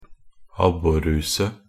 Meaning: a fish trap for fishing perch
- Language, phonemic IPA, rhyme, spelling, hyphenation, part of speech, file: Norwegian Bokmål, /ˈabːɔrːʉːsə/, -ʉːsə, abborruse, ab‧bor‧ru‧se, noun, Nb-abborruse.ogg